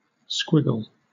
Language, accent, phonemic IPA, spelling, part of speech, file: English, Southern England, /ˈskwɪɡl̩/, squiggle, noun / verb, LL-Q1860 (eng)-squiggle.wav
- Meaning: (noun) 1. A short twisting or wiggling line or mark 2. Synonym of tilde 3. An illegible scrawl 4. A burst of laughter; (verb) 1. To wriggle or squirm 2. To make a squiggle 3. To write illegibly